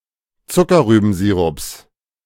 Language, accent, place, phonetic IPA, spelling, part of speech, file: German, Germany, Berlin, [ˈt͡sʊkɐʁyːbm̩ˌziːʁʊps], Zuckerrübensirups, noun, De-Zuckerrübensirups.ogg
- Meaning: genitive singular of Zuckerrübensirup